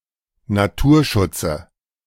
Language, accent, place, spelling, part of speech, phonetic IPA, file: German, Germany, Berlin, Naturschutze, noun, [naˈtuːɐ̯ˌʃʊt͡sə], De-Naturschutze.ogg
- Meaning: dative of Naturschutz